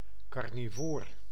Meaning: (noun) carnivore, meat-eating creature; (adjective) carnivorous
- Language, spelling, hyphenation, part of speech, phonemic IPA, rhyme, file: Dutch, carnivoor, car‧ni‧voor, noun / adjective, /ˌkɑrniˈvoːr/, -oːr, Nl-carnivoor.ogg